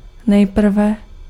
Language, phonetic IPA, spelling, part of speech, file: Czech, [ˈnɛjpr̩vɛ], nejprve, adverb, Cs-nejprve.ogg
- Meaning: first, firstly